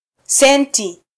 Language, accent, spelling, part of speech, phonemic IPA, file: Swahili, Kenya, senti, noun, /ˈsɛn.ti/, Sw-ke-senti.flac
- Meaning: cent (one-hundredth of a dollar or decimal shilling)